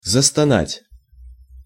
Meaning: to start moaning
- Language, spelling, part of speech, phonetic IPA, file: Russian, застонать, verb, [zəstɐˈnatʲ], Ru-застонать.ogg